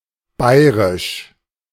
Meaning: Bavarian (of, from or relating to the state of Bavaria, Germany)
- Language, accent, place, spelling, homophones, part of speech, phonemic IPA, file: German, Germany, Berlin, bayrisch, bairisch, adjective, /ˈbaɪ̯ʁɪʃ/, De-bayrisch.ogg